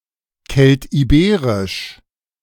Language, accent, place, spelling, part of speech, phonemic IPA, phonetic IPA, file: German, Germany, Berlin, Keltiberisch, proper noun, /ˈkɛltiˌbeːʁɪʃ/, [ˈkʰɛltʰiˌbeːʁɪʃ], De-Keltiberisch.ogg
- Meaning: Celtiberian (an extinct ancient language)